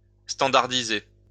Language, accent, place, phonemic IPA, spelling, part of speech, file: French, France, Lyon, /stɑ̃.daʁ.di.ze/, standardiser, verb, LL-Q150 (fra)-standardiser.wav
- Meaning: to standardize